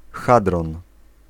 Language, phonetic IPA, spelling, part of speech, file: Polish, [ˈxadrɔ̃n], hadron, noun, Pl-hadron.ogg